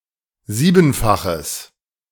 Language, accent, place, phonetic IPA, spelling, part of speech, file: German, Germany, Berlin, [ˈziːbn̩faxəs], siebenfaches, adjective, De-siebenfaches.ogg
- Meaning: strong/mixed nominative/accusative neuter singular of siebenfach